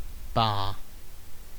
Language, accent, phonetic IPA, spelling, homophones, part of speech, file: English, Received Pronunciation, [bɑː], baa, bah, noun / interjection / verb, En-uk-baa.ogg
- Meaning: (noun) The characteristic cry or bleating of a sheep or (broader) a sheep or goat; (interjection) The characteristic cry of a sheep or (broader) a sheep or goat